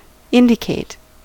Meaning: 1. To point out; to discover; to direct to a knowledge of; to show; to make known 2. To show or manifest by symptoms 3. To point to as the proper remedies
- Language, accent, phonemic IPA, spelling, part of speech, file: English, US, /ˈɪndɪˌkeɪt/, indicate, verb, En-us-indicate.ogg